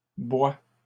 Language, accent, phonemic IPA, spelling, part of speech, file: French, Canada, /bwa/, boit, verb, LL-Q150 (fra)-boit.wav
- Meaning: third-person singular present indicative of boire